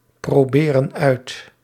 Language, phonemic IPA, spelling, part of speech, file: Dutch, /proˈberə(n) ˈœyt/, proberen uit, verb, Nl-proberen uit.ogg
- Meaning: inflection of uitproberen: 1. plural present indicative 2. plural present subjunctive